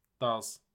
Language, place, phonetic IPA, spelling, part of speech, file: Azerbaijani, Baku, [dɑz], daz, noun / adjective, Az-az-daz.ogg
- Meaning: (noun) bald spot, bald patch; bald head; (adjective) bald